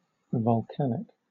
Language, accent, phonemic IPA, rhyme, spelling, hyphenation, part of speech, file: English, Southern England, /vɒlˈkænɪk/, -ænɪk, volcanic, vol‧can‧ic, adjective / noun, LL-Q1860 (eng)-volcanic.wav
- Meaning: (adjective) 1. Of or pertaining to a volcano or volcanoes 2. Produced by a volcano, or, more generally, by igneous agencies 3. Changed or affected by the heat of a volcano